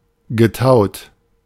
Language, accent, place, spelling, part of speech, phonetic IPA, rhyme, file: German, Germany, Berlin, getaut, verb, [ɡəˈtaʊ̯t], -aʊ̯t, De-getaut.ogg
- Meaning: past participle of tauen